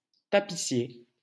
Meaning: 1. tapestry-maker 2. upholsterer
- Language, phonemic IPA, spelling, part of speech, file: French, /ta.pi.sje/, tapissier, noun, LL-Q150 (fra)-tapissier.wav